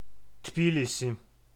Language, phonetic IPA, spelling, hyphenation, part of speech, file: Georgian, [tʰbilisi], თბილისი, თბი‧ლი‧სი, proper noun, Tbilisi.ogg
- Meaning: Tbilisi (the capital city of the country of Georgia)